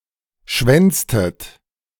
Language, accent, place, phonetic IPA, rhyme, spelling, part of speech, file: German, Germany, Berlin, [ˈʃvɛnt͡stət], -ɛnt͡stət, schwänztet, verb, De-schwänztet.ogg
- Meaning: inflection of schwänzen: 1. second-person plural preterite 2. second-person plural subjunctive II